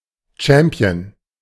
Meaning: champion
- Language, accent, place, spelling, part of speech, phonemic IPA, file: German, Germany, Berlin, Champion, noun, /ˈt͡ʃɛmpi̯ən/, De-Champion.ogg